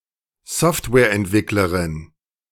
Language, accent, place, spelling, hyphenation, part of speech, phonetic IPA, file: German, Germany, Berlin, Softwareentwicklerin, Soft‧ware‧ent‧wick‧le‧rin, noun, [ˈzɔftvɛːɐ̯ʔɛntˌvɪkləʁɪn], De-Softwareentwicklerin.ogg
- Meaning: female equivalent of Softwareentwickler (“software developer”)